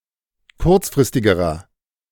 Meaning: inflection of kurzfristig: 1. strong/mixed nominative masculine singular comparative degree 2. strong genitive/dative feminine singular comparative degree 3. strong genitive plural comparative degree
- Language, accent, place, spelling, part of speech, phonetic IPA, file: German, Germany, Berlin, kurzfristigerer, adjective, [ˈkʊʁt͡sfʁɪstɪɡəʁɐ], De-kurzfristigerer.ogg